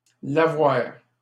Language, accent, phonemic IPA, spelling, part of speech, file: French, Canada, /la.vwaʁ/, lavoir, noun, LL-Q150 (fra)-lavoir.wav
- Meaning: washhouse